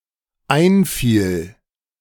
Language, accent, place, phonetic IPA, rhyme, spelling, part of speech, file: German, Germany, Berlin, [ˈaɪ̯nˌfiːl], -aɪ̯nfiːl, einfiel, verb, De-einfiel.ogg
- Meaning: first/third-person singular dependent preterite of einfallen